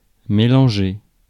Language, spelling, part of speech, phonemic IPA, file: French, mélanger, verb, /me.lɑ̃.ʒe/, Fr-mélanger.ogg
- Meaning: to mix, to mix up